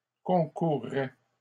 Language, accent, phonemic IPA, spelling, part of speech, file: French, Canada, /kɔ̃.kuʁ.ʁɛ/, concourrait, verb, LL-Q150 (fra)-concourrait.wav
- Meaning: third-person singular conditional of concourir